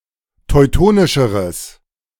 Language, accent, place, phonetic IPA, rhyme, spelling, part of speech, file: German, Germany, Berlin, [tɔɪ̯ˈtoːnɪʃəʁəs], -oːnɪʃəʁəs, teutonischeres, adjective, De-teutonischeres.ogg
- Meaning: strong/mixed nominative/accusative neuter singular comparative degree of teutonisch